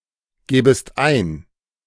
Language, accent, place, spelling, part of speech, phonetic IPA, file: German, Germany, Berlin, gäbest ein, verb, [ˌɡɛːbəst ˈaɪ̯n], De-gäbest ein.ogg
- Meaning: second-person singular subjunctive II of eingeben